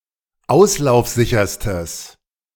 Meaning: strong/mixed nominative/accusative neuter singular superlative degree of auslaufsicher
- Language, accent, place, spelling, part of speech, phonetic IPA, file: German, Germany, Berlin, auslaufsicherstes, adjective, [ˈaʊ̯slaʊ̯fˌzɪçɐstəs], De-auslaufsicherstes.ogg